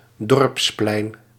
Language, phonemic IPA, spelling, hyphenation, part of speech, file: Dutch, /ˈdɔrps.plɛi̯n/, dorpsplein, dorps‧plein, noun, Nl-dorpsplein.ogg
- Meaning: a village square